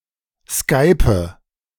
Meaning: inflection of skypen: 1. first-person singular present 2. first/third-person singular subjunctive I 3. singular imperative
- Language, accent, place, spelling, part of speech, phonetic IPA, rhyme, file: German, Germany, Berlin, skype, verb, [ˈskaɪ̯pə], -aɪ̯pə, De-skype.ogg